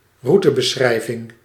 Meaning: 1. directions (driving) 2. route description 3. itinerary
- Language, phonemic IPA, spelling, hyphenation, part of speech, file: Dutch, /ˈru.tə.bəˌsxrɛi̯.vɪŋ/, routebeschrijving, rou‧te‧be‧schrij‧ving, noun, Nl-routebeschrijving.ogg